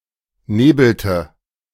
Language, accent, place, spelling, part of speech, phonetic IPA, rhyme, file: German, Germany, Berlin, nebelte, verb, [ˈneːbl̩tə], -eːbl̩tə, De-nebelte.ogg
- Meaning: inflection of nebeln: 1. first/third-person singular preterite 2. first/third-person singular subjunctive II